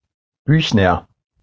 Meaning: a surname
- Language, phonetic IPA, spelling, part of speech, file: German, [ˈbyːçnɐ], Büchner, proper noun, De-Büchner.ogg